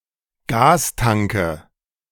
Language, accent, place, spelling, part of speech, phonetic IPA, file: German, Germany, Berlin, Gastanke, noun, [ˈɡaːsˌtaŋkə], De-Gastanke.ogg
- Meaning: nominative/accusative/genitive plural of Gastank